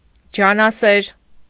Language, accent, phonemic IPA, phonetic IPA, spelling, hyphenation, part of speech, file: Armenian, Eastern Armenian, /d͡ʒɑnɑˈseɾ/, [d͡ʒɑnɑséɾ], ջանասեր, ջա‧նա‧սեր, adjective, Hy-ջանասեր.ogg
- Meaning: industrious, hard-working, laborious